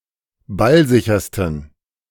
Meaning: 1. superlative degree of ballsicher 2. inflection of ballsicher: strong genitive masculine/neuter singular superlative degree
- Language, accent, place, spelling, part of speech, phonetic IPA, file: German, Germany, Berlin, ballsichersten, adjective, [ˈbalˌzɪçɐstn̩], De-ballsichersten.ogg